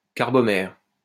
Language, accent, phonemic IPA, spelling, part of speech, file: French, France, /kaʁ.bɔ.mɛʁ/, carbomère, noun / adjective, LL-Q150 (fra)-carbomère.wav
- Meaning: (noun) carbomer; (adjective) carbomeric